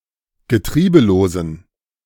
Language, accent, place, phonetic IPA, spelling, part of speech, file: German, Germany, Berlin, [ɡəˈtʁiːbəloːzn̩], getriebelosen, adjective, De-getriebelosen.ogg
- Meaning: inflection of getriebelos: 1. strong genitive masculine/neuter singular 2. weak/mixed genitive/dative all-gender singular 3. strong/weak/mixed accusative masculine singular 4. strong dative plural